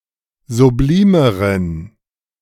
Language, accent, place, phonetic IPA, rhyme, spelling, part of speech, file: German, Germany, Berlin, [zuˈbliːməʁən], -iːməʁən, sublimeren, adjective, De-sublimeren.ogg
- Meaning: inflection of sublim: 1. strong genitive masculine/neuter singular comparative degree 2. weak/mixed genitive/dative all-gender singular comparative degree